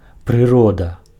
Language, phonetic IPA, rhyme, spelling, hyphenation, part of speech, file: Belarusian, [prɨˈroda], -oda, прырода, пры‧ро‧да, noun, Be-прырода.ogg
- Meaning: nature (everything that exists on earth, not created by human activity; the whole world in the diversity of its forms)